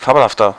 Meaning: 1. comparative degree of fabelhaft 2. inflection of fabelhaft: strong/mixed nominative masculine singular 3. inflection of fabelhaft: strong genitive/dative feminine singular
- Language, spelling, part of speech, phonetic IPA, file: German, fabelhafter, adjective, [ˈfaːbl̩haftɐ], De-fabelhafter.ogg